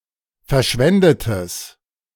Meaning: strong/mixed nominative/accusative neuter singular of verschwendet
- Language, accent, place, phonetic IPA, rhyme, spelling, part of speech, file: German, Germany, Berlin, [fɛɐ̯ˈʃvɛndətəs], -ɛndətəs, verschwendetes, adjective, De-verschwendetes.ogg